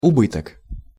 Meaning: loss, damage (negative result on balance)
- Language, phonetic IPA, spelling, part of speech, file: Russian, [ʊˈbɨtək], убыток, noun, Ru-убыток.ogg